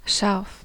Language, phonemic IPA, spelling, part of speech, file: German, /ʃarf/, scharf, adjective, De-scharf.ogg
- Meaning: 1. sharp; able to cut (of a knife, edge) 2. sharp; tight (of a turn on a route) 3. sharp; discerning (of perception, intellect, mind) 4. sharp; severe; harsh (of criticism, attacks, glances)